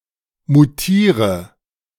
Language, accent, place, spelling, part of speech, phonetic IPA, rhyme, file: German, Germany, Berlin, mutiere, verb, [muˈtiːʁə], -iːʁə, De-mutiere.ogg
- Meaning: inflection of mutieren: 1. first-person singular present 2. first/third-person singular subjunctive I 3. singular imperative